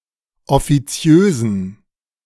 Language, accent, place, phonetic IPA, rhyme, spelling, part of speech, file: German, Germany, Berlin, [ɔfiˈt͡si̯øːzn̩], -øːzn̩, offiziösen, adjective, De-offiziösen.ogg
- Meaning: inflection of offiziös: 1. strong genitive masculine/neuter singular 2. weak/mixed genitive/dative all-gender singular 3. strong/weak/mixed accusative masculine singular 4. strong dative plural